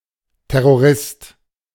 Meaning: terrorist
- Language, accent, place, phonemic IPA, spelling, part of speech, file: German, Germany, Berlin, /tɛrorˈɪst/, Terrorist, noun, De-Terrorist.ogg